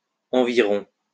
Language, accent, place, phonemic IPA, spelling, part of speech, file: French, France, Lyon, /ɑ̃.vi.ʁɔ̃/, environs, noun, LL-Q150 (fra)-environs.wav
- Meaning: neighborhood (close proximity, particularly in reference to home)